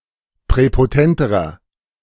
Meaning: inflection of präpotent: 1. strong/mixed nominative masculine singular comparative degree 2. strong genitive/dative feminine singular comparative degree 3. strong genitive plural comparative degree
- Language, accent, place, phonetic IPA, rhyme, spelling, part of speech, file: German, Germany, Berlin, [pʁɛpoˈtɛntəʁɐ], -ɛntəʁɐ, präpotenterer, adjective, De-präpotenterer.ogg